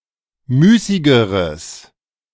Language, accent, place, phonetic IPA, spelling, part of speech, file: German, Germany, Berlin, [ˈmyːsɪɡəʁəs], müßigeres, adjective, De-müßigeres.ogg
- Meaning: strong/mixed nominative/accusative neuter singular comparative degree of müßig